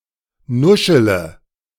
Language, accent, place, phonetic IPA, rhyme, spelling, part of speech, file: German, Germany, Berlin, [ˈnʊʃələ], -ʊʃələ, nuschele, verb, De-nuschele.ogg
- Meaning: inflection of nuscheln: 1. first-person singular present 2. first-person plural subjunctive I 3. third-person singular subjunctive I 4. singular imperative